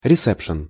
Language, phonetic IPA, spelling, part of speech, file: Russian, [rʲɪˈsɛpʂ(ɨ)n], ресепшн, noun, Ru-ресепшн.ogg
- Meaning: alternative form of ресе́пшен (resɛ́pšen)